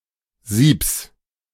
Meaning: genitive singular of Sieb
- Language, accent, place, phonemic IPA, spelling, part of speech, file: German, Germany, Berlin, /ziːps/, Siebs, noun, De-Siebs.ogg